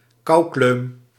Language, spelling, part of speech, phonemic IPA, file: Dutch, koukleum, noun, /ˈkɑu̯kløːm/, Nl-koukleum.ogg
- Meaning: person who is often/easily cold, person bothered by the cold a lot